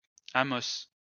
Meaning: 1. Amos 2. a city in Abitibi Regional County Municipality, Abitibi-Témiscamingue, Quebec, Canada
- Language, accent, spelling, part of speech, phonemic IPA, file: French, France, Amos, proper noun, /a.mɔs/, LL-Q150 (fra)-Amos.wav